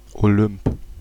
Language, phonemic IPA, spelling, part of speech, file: German, /oˈlʏmp/, Olymp, proper noun, De-Olymp.ogg
- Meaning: Olympus (mountain)